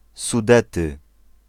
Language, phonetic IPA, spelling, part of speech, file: Polish, [suˈdɛtɨ], Sudety, proper noun, Pl-Sudety.ogg